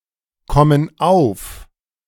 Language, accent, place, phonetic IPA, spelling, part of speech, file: German, Germany, Berlin, [ˌkɔmən ˈaʊ̯f], kommen auf, verb, De-kommen auf.ogg
- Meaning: inflection of aufkommen: 1. first/third-person plural present 2. first/third-person plural subjunctive I